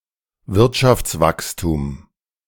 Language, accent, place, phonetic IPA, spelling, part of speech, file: German, Germany, Berlin, [ˈvɪʁtʃaft͡sˌvakstuːm], Wirtschaftswachstum, noun, De-Wirtschaftswachstum.ogg
- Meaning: economic growth